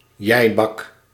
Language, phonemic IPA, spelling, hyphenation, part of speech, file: Dutch, /ˈjɛi̯.bɑk/, jij-bak, jij-bak, noun, Nl-jij-bak.ogg
- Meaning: a personal attack, especially a tu quoque